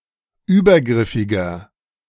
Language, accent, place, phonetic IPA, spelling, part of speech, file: German, Germany, Berlin, [ˈyːbɐˌɡʁɪfɪɡɐ], übergriffiger, adjective, De-übergriffiger.ogg
- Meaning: inflection of übergriffig: 1. strong/mixed nominative masculine singular 2. strong genitive/dative feminine singular 3. strong genitive plural